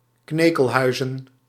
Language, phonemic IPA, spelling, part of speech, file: Dutch, /ˈknekəlˌhœyzə(n)/, knekelhuizen, noun, Nl-knekelhuizen.ogg
- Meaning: plural of knekelhuis